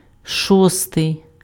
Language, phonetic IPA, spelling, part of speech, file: Ukrainian, [ˈʃɔstei̯], шостий, adjective, Uk-шостий.ogg
- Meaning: sixth